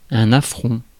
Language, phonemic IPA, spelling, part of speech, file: French, /a.fʁɔ̃/, affront, noun, Fr-affront.ogg
- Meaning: affront, insult, snub